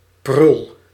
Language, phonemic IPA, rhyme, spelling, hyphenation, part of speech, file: Dutch, /prʏl/, -ʏl, prul, prul, noun, Nl-prul.ogg
- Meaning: 1. a useless or worthless thing; (in the plural:) junk, trinket, trifle 2. turd, loser, a useless or unpleasant man 3. a nickname or an affectionate term for a child, in particular a girl